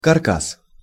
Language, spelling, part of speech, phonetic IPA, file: Russian, каркас, noun, [kɐrˈkas], Ru-каркас.ogg
- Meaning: 1. frame, framework, skeleton, case, wireframe, airframe 2. hackberry (Celtis gen. et spp.)